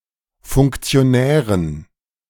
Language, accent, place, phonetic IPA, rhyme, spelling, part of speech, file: German, Germany, Berlin, [fʊŋkt͡si̯oˈnɛːʁən], -ɛːʁən, Funktionären, noun, De-Funktionären.ogg
- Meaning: dative plural of Funktionär